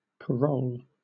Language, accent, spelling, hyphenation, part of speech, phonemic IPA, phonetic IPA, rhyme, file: English, Southern England, parole, pa‧role, noun / verb, /pəˈɹəʊl/, [p(ʰ)əˈɹəʊɫ], -əʊl, LL-Q1860 (eng)-parole.wav